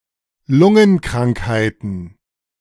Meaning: plural of Lungenkrankheit
- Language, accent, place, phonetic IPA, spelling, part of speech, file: German, Germany, Berlin, [ˈlʊŋənˌkʁaŋkhaɪ̯tn̩], Lungenkrankheiten, noun, De-Lungenkrankheiten.ogg